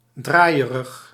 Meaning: dizzy
- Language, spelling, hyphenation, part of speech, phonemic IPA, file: Dutch, draaierig, draai‧e‧rig, adjective, /ˈdraːi̯.ə.rəx/, Nl-draaierig.ogg